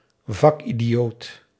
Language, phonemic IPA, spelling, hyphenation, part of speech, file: Dutch, /ˈvɑk.i.diˌoːt/, vakidioot, vak‧idi‧oot, noun, Nl-vakidioot.ogg
- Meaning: a fachidiot; a (very) capable professional with little societal awareness or engagement outside one's narrow expertise, especially one who exaggerates the importance of one's specialism